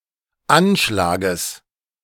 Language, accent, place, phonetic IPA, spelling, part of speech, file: German, Germany, Berlin, [ˈanˌʃlaːɡəs], Anschlages, noun, De-Anschlages.ogg
- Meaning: genitive singular of Anschlag